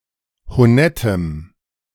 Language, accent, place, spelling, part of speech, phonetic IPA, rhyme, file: German, Germany, Berlin, honettem, adjective, [hoˈnɛtəm], -ɛtəm, De-honettem.ogg
- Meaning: strong dative masculine/neuter singular of honett